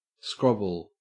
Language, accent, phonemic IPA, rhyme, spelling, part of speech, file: English, Australia, /ˈskɹɒbəl/, -ɒbəl, scrobble, verb / noun, En-au-scrobble.ogg
- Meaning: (verb) 1. To waylay, kidnap or steal 2. To publish one's media consumption habits to the Internet via software, in order to track when and how often certain items are played